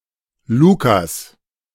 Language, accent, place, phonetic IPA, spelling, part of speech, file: German, Germany, Berlin, [ˈluːkas], Lukas, proper noun, De-Lukas.ogg
- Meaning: 1. Luke (biblical character) 2. a male given name; variant form Lucas